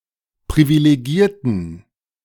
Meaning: inflection of privilegieren: 1. first/third-person plural preterite 2. first/third-person plural subjunctive II
- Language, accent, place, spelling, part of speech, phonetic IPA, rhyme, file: German, Germany, Berlin, privilegierten, adjective / verb, [pʁivileˈɡiːɐ̯tn̩], -iːɐ̯tn̩, De-privilegierten.ogg